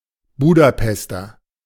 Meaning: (noun) 1. Budapester (native or inhabitant of Budapest) 2. a kind of brogue shoe; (adjective) of Budapest
- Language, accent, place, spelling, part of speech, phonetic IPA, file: German, Germany, Berlin, Budapester, noun / adjective, [ˈbuːdaˌpɛstɐ], De-Budapester.ogg